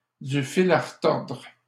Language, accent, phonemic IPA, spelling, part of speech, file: French, Canada, /dy fil a ʁ(ə).tɔʁdʁ/, du fil à retordre, noun, LL-Q150 (fra)-du fil à retordre.wav
- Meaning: a hard time, some difficulties